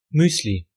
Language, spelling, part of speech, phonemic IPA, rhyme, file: German, Müsli, noun, /ˈmyːsli/, -yːsli, De-Müsli.ogg
- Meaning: muesli, granola